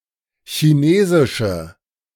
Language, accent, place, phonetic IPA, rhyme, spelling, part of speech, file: German, Germany, Berlin, [çiˈneːzɪʃə], -eːzɪʃə, chinesische, adjective, De-chinesische.ogg
- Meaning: inflection of chinesisch: 1. strong/mixed nominative/accusative feminine singular 2. strong nominative/accusative plural 3. weak nominative all-gender singular